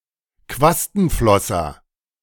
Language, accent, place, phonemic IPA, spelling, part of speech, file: German, Germany, Berlin, /ˈkvastn̩ˌflɔsɐ/, Quastenflosser, noun, De-Quastenflosser.ogg
- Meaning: coelacanth (fish)